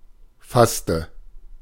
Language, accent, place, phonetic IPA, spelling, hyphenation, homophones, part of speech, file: German, Germany, Berlin, [ˈfastə], fasste, fass‧te, faste, verb, De-fasste.ogg
- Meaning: inflection of fassen: 1. first/third-person singular preterite 2. first/third-person singular subjunctive II